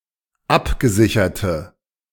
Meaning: inflection of abgesichert: 1. strong/mixed nominative/accusative feminine singular 2. strong nominative/accusative plural 3. weak nominative all-gender singular
- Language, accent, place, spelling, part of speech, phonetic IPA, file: German, Germany, Berlin, abgesicherte, adjective, [ˈapɡəˌzɪçɐtə], De-abgesicherte.ogg